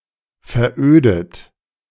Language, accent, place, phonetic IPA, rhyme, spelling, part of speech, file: German, Germany, Berlin, [fɛɐ̯ˈʔøːdət], -øːdət, verödet, verb, De-verödet.ogg
- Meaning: 1. past participle of veröden 2. inflection of veröden: third-person singular present 3. inflection of veröden: second-person plural present 4. inflection of veröden: plural imperative